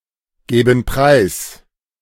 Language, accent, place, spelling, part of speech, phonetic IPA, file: German, Germany, Berlin, gäben preis, verb, [ˌɡɛːbn̩ ˈpʁaɪ̯s], De-gäben preis.ogg
- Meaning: first-person plural subjunctive II of preisgeben